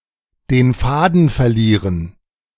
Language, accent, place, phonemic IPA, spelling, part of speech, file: German, Germany, Berlin, /deːn ˈfaːdn̩ fɛɐ̯ˈliːʁən/, den Faden verlieren, verb, De-den Faden verlieren.ogg
- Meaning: to lose the thread, lose the plot